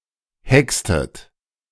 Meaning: inflection of hexen: 1. second-person plural preterite 2. second-person plural subjunctive II
- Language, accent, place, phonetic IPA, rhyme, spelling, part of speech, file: German, Germany, Berlin, [ˈhɛkstət], -ɛkstət, hextet, verb, De-hextet.ogg